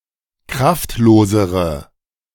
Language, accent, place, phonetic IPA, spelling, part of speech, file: German, Germany, Berlin, [ˈkʁaftˌloːzəʁə], kraftlosere, adjective, De-kraftlosere.ogg
- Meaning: inflection of kraftlos: 1. strong/mixed nominative/accusative feminine singular comparative degree 2. strong nominative/accusative plural comparative degree